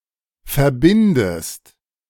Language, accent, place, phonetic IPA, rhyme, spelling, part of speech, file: German, Germany, Berlin, [fɛɐ̯ˈbɪndəst], -ɪndəst, verbindest, verb, De-verbindest.ogg
- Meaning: inflection of verbinden: 1. second-person singular present 2. second-person singular subjunctive I